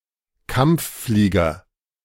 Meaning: combat pilot
- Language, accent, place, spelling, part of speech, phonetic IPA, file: German, Germany, Berlin, Kampfflieger, noun, [ˈkamp͡fˌfliːɡɐ], De-Kampfflieger.ogg